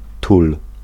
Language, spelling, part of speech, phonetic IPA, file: Polish, tul, noun / verb, [tul], Pl-tul.ogg